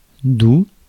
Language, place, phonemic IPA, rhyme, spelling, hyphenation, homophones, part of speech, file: French, Paris, /du/, -u, doux, doux, Doubs / doue / douent / doues, adjective / adverb, Fr-doux.ogg
- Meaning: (adjective) 1. sweet 2. soft 3. mild 4. gentle (gradual rather than steep) 5. fresh, not salty (of water); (adverb) gently